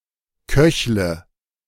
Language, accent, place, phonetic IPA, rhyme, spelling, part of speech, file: German, Germany, Berlin, [ˈkœçlə], -œçlə, köchle, verb, De-köchle.ogg
- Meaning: inflection of köcheln: 1. first-person singular present 2. first/third-person singular subjunctive I 3. singular imperative